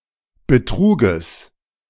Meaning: genitive singular of Betrug
- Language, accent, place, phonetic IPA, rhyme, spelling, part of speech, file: German, Germany, Berlin, [bəˈtʁuːɡəs], -uːɡəs, Betruges, noun, De-Betruges.ogg